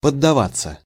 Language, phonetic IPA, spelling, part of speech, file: Russian, [pədːɐˈvat͡sːə], поддаваться, verb, Ru-поддаваться.ogg
- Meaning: 1. to yield to, to give in, to fall for, to cave in 2. to hold back (in a game), to intentionally let the opponent win or take the upper hand